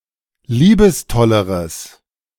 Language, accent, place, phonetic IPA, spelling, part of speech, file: German, Germany, Berlin, [ˈliːbəsˌtɔləʁəs], liebestolleres, adjective, De-liebestolleres.ogg
- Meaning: strong/mixed nominative/accusative neuter singular comparative degree of liebestoll